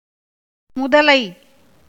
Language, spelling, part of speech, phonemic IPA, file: Tamil, முதலை, noun, /mʊd̪ɐlɐɪ̯/, Ta-முதலை.ogg
- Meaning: crocodilian; crocodile, alligator etc